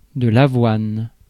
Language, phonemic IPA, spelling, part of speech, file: French, /a.vwan/, avoine, noun, Fr-avoine.ogg
- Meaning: 1. oats 2. punch (a hit with the fist)